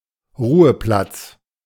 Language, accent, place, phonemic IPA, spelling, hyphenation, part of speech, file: German, Germany, Berlin, /ˈʁuːəˌplat͡s/, Ruheplatz, Ru‧he‧platz, noun, De-Ruheplatz.ogg
- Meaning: resting place (place where one rests or may rest)